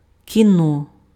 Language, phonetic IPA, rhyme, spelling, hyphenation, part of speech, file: Ukrainian, [kʲiˈnɔ], -ɔ, кіно, кі‧но, noun, Uk-кіно.ogg
- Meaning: 1. movie, motion picture, film 2. movies, cinema, the pictures